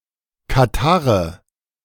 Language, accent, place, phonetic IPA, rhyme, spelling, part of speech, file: German, Germany, Berlin, [kaˈtaʁə], -aʁə, Katarrhe, noun, De-Katarrhe.ogg
- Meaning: nominative/genitive/accusative plural of Katarrh